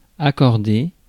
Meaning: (adjective) agreeing, which agrees with its subject; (verb) past participle of accorder
- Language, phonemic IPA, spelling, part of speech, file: French, /a.kɔʁ.de/, accordé, adjective / verb, Fr-accordé.ogg